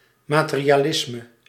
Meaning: 1. materialism (view that only matters exists) 2. materialism (pursuit of money or possessions)
- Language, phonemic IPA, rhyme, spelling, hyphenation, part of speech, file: Dutch, /maːˌteː.ri.aːˈlɪs.mə/, -ɪsmə, materialisme, ma‧te‧ri‧a‧lis‧me, noun, Nl-materialisme.ogg